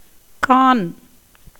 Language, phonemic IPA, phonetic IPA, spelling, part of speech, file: Tamil, /kɑːn/, [käːn], கான், noun, Ta-கான்.ogg
- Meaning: 1. forest 2. channel 3. flower, blossom 4. smell, odour